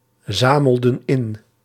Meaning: inflection of inzamelen: 1. plural past indicative 2. plural past subjunctive
- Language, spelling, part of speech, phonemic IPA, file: Dutch, zamelden in, verb, /ˈzaməldə(n) ˈɪn/, Nl-zamelden in.ogg